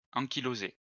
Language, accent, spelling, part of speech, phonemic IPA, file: French, France, ankyloser, verb, /ɑ̃.ki.lo.ze/, LL-Q150 (fra)-ankyloser.wav
- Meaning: to ankylose